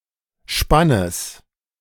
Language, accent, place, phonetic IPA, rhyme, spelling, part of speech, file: German, Germany, Berlin, [ˈʃpanəs], -anəs, Spannes, noun, De-Spannes.ogg
- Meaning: genitive singular of Spann